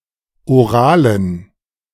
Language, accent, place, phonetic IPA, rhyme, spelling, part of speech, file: German, Germany, Berlin, [oˈʁaːlən], -aːlən, oralen, adjective, De-oralen.ogg
- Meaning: inflection of oral: 1. strong genitive masculine/neuter singular 2. weak/mixed genitive/dative all-gender singular 3. strong/weak/mixed accusative masculine singular 4. strong dative plural